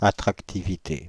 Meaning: attractivity
- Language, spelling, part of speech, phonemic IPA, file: French, attractivité, noun, /a.tʁak.ti.vi.te/, Fr-attractivité.ogg